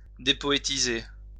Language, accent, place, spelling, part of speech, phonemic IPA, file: French, France, Lyon, dépoétiser, verb, /de.pɔ.e.ti.ze/, LL-Q150 (fra)-dépoétiser.wav
- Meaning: to depoetize